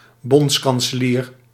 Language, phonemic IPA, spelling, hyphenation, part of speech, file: Dutch, /ˈbɔnts.kɑn.səˌliːr/, bondskanselier, bonds‧kan‧se‧lier, noun, Nl-bondskanselier.ogg
- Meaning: federal chancellor